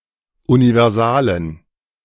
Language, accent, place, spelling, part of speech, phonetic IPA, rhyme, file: German, Germany, Berlin, universalen, adjective, [univɛʁˈzaːlən], -aːlən, De-universalen.ogg
- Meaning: inflection of universal: 1. strong genitive masculine/neuter singular 2. weak/mixed genitive/dative all-gender singular 3. strong/weak/mixed accusative masculine singular 4. strong dative plural